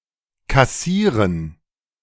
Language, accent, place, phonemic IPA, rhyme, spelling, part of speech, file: German, Germany, Berlin, /kaˈsiːʁən/, -iːʁən, kassieren, verb, De-kassieren.ogg
- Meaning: 1. to collect (money), to demand and enregister (a payment), to act as cashier 2. to earn, cash in (money) 3. to receive, get, earn 4. to receive, take in (something negative)